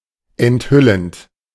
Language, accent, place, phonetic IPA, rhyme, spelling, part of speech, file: German, Germany, Berlin, [ɛntˈhʏlənt], -ʏlənt, enthüllend, verb, De-enthüllend.ogg
- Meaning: present participle of enthüllen